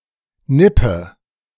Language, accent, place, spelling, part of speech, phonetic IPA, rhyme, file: German, Germany, Berlin, nippe, verb, [ˈnɪpə], -ɪpə, De-nippe.ogg
- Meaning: inflection of nippen: 1. first-person singular present 2. first/third-person singular subjunctive I 3. singular imperative